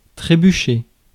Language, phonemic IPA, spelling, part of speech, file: French, /tʁe.by.ʃe/, trébucher, verb, Fr-trébucher.ogg
- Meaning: to trip, to stumble